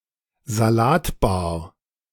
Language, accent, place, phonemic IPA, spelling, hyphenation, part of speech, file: German, Germany, Berlin, /zaˈlaːtˌbaːɐ̯/, Salatbar, Sa‧lat‧bar, noun, De-Salatbar.ogg
- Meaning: salad bar